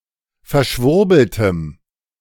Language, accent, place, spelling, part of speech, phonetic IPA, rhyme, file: German, Germany, Berlin, verschwurbeltem, adjective, [fɛɐ̯ˈʃvʊʁbl̩təm], -ʊʁbl̩təm, De-verschwurbeltem.ogg
- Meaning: strong dative masculine/neuter singular of verschwurbelt